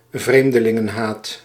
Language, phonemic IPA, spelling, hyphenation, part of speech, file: Dutch, /ˈvreːm.də.lɪ.ŋə(n)ˌɦaːt/, vreemdelingenhaat, vreem‧de‧lin‧gen‧haat, noun, Nl-vreemdelingenhaat.ogg
- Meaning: xenophobia